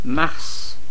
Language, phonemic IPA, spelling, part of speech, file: French, /maʁs/, Mars, proper noun, Fr-Mars.ogg
- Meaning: 1. Mars (planet) 2. Mars (Roman god)